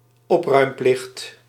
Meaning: a requirement to dispose of excrement produced by an animal one own, usually in relation to dogs or horses
- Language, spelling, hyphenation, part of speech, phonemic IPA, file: Dutch, opruimplicht, op‧ruim‧plicht, noun, /ˈɔp.rœy̯mˌplɪxt/, Nl-opruimplicht.ogg